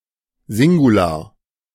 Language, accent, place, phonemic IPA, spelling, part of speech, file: German, Germany, Berlin, /ˈzɪŋɡulaɐ̯/, Singular, noun, De-Singular.ogg
- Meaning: singular